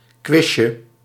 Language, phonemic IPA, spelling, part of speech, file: Dutch, /ˈkwɪʃə/, quizje, noun, Nl-quizje.ogg
- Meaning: diminutive of quiz